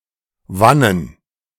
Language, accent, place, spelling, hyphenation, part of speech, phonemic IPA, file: German, Germany, Berlin, wannen, wan‧nen, adverb, /ˈvanən/, De-wannen.ogg
- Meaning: whence